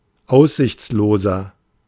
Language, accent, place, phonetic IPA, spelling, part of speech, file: German, Germany, Berlin, [ˈaʊ̯szɪçt͡sloːzɐ], aussichtsloser, adjective, De-aussichtsloser.ogg
- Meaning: 1. comparative degree of aussichtslos 2. inflection of aussichtslos: strong/mixed nominative masculine singular 3. inflection of aussichtslos: strong genitive/dative feminine singular